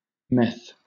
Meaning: 1. Methamphetamine, especially in the form of the crystalline hydrochloride 2. Methadone 3. A tramp 4. A spiced mead, originally from Wales 5. Marijuana
- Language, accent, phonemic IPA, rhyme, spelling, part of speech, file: English, Southern England, /mɛθ/, -ɛθ, meth, noun, LL-Q1860 (eng)-meth.wav